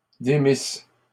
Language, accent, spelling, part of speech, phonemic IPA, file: French, Canada, démissent, verb, /de.mis/, LL-Q150 (fra)-démissent.wav
- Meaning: third-person plural imperfect subjunctive of démettre